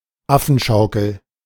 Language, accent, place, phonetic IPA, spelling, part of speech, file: German, Germany, Berlin, [ˈafn̩ˌʃaʊ̯kl̩], Affenschaukel, noun, De-Affenschaukel.ogg
- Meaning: A shoulder cord on a military uniform